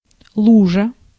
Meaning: puddle, pool
- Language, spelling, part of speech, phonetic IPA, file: Russian, лужа, noun, [ˈɫuʐə], Ru-лужа.ogg